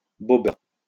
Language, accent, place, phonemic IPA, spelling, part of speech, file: French, France, Lyon, /bɔ.bœʁ/, bobeur, noun, LL-Q150 (fra)-bobeur.wav
- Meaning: a bobsledder